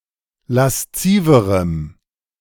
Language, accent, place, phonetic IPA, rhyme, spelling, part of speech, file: German, Germany, Berlin, [lasˈt͡siːvəʁəm], -iːvəʁəm, lasziverem, adjective, De-lasziverem.ogg
- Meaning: strong dative masculine/neuter singular comparative degree of lasziv